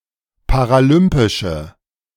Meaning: inflection of paralympisch: 1. strong/mixed nominative/accusative feminine singular 2. strong nominative/accusative plural 3. weak nominative all-gender singular
- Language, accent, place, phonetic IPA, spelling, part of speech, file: German, Germany, Berlin, [paʁaˈlʏmpɪʃə], paralympische, adjective, De-paralympische.ogg